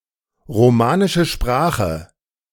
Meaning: Romance language (European language descended from Latin)
- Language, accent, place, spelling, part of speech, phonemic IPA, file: German, Germany, Berlin, romanische Sprache, noun, /ʁoˌmaːnɪʃəˈʃpʁaːχə/, De-romanische Sprache.ogg